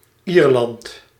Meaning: Ireland (a country in northwestern Europe)
- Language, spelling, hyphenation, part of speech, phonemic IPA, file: Dutch, Ierland, Ier‧land, proper noun, /ˈiːr.lɑnt/, Nl-Ierland.ogg